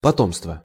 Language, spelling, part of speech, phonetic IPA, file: Russian, потомство, noun, [pɐˈtomstvə], Ru-потомство.ogg
- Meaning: 1. posterity 2. descendants